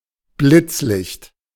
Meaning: 1. flash, flashlight 2. flashlight, photoflash 3. flashbulb
- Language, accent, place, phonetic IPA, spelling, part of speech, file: German, Germany, Berlin, [ˈblɪt͡sˌlɪçt], Blitzlicht, noun, De-Blitzlicht.ogg